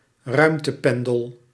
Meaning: space shuttle (reusable spacecraft)
- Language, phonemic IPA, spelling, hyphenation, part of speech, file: Dutch, /ˈrœy̯m.təˌpɛn.dəl/, ruimtependel, ruim‧te‧pen‧del, noun, Nl-ruimtependel.ogg